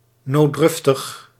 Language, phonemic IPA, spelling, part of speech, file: Dutch, /noˈdrʏftəx/, nooddruftig, adjective, Nl-nooddruftig.ogg
- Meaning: needy